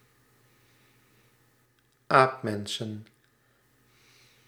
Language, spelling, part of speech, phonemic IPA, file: Dutch, aapmensen, noun, /ˈapmənsə(n)/, Nl-aapmensen.ogg
- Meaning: plural of aapmens